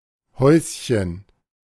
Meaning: 1. diminutive of Haus 2. outhouse, privy, dunny; (euphemistic) toilet
- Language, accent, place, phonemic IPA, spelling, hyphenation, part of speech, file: German, Germany, Berlin, /ˈhɔʏ̯sçən/, Häuschen, Häus‧chen, noun, De-Häuschen.ogg